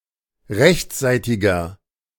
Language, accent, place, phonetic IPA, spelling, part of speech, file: German, Germany, Berlin, [ˈʁɛçt͡sˌzaɪ̯tɪɡɐ], rechtsseitiger, adjective, De-rechtsseitiger.ogg
- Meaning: inflection of rechtsseitig: 1. strong/mixed nominative masculine singular 2. strong genitive/dative feminine singular 3. strong genitive plural